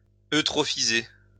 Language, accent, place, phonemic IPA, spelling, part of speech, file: French, France, Lyon, /ø.tʁɔ.fi.ze/, eutrophiser, verb, LL-Q150 (fra)-eutrophiser.wav
- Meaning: to render eutrophic